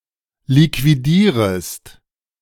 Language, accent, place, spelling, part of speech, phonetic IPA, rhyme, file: German, Germany, Berlin, liquidierest, verb, [likviˈdiːʁəst], -iːʁəst, De-liquidierest.ogg
- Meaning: second-person singular subjunctive I of liquidieren